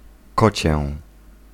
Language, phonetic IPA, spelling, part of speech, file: Polish, [ˈkɔt͡ɕɛ], kocię, noun, Pl-kocię.ogg